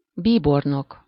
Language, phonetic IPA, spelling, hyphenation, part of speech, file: Hungarian, [ˈbiːbornok], bíbornok, bí‧bor‧nok, noun, Hu-bíbornok.ogg
- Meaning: cardinal (official in Catholic Church)